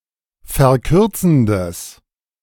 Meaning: strong/mixed nominative/accusative neuter singular of verkürzend
- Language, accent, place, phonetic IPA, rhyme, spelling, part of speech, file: German, Germany, Berlin, [fɛɐ̯ˈkʏʁt͡sn̩dəs], -ʏʁt͡sn̩dəs, verkürzendes, adjective, De-verkürzendes.ogg